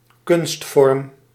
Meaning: 1. form of art, art form 2. artificial form
- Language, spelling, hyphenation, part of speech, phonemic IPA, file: Dutch, kunstvorm, kunst‧vorm, noun, /ˈkʏnst.fɔrm/, Nl-kunstvorm.ogg